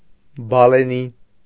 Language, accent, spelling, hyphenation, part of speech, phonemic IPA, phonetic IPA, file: Armenian, Eastern Armenian, բալենի, բա‧լե‧նի, noun, /bɑleˈni/, [bɑlení], Hy-բալենի.ogg
- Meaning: cherry tree